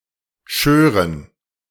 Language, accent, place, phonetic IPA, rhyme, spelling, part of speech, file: German, Germany, Berlin, [ˈʃøːʁən], -øːʁən, schören, verb, De-schören.ogg
- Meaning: first-person plural subjunctive II of scheren